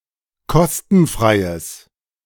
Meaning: strong/mixed nominative/accusative neuter singular of kostenfrei
- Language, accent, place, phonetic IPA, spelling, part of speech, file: German, Germany, Berlin, [ˈkɔstn̩ˌfʁaɪ̯əs], kostenfreies, adjective, De-kostenfreies.ogg